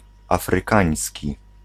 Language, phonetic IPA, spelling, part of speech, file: Polish, [ˌafrɨˈkãj̃sʲci], afrykański, adjective, Pl-afrykański.ogg